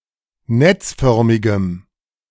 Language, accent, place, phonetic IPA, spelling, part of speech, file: German, Germany, Berlin, [ˈnɛt͡sˌfœʁmɪɡəm], netzförmigem, adjective, De-netzförmigem.ogg
- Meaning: strong dative masculine/neuter singular of netzförmig